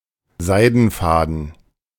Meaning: 1. silk thread 2. silk filament
- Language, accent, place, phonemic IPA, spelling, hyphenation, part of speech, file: German, Germany, Berlin, /ˈzaɪ̯dn̩faːdn̩/, Seidenfaden, Sei‧den‧fa‧den, noun, De-Seidenfaden.ogg